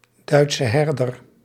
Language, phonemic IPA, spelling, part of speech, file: Dutch, /ˌdœy̯tsə ˈɦɛrdər/, Duitse herder, noun, Nl-Duitse herder.ogg
- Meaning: German shepherd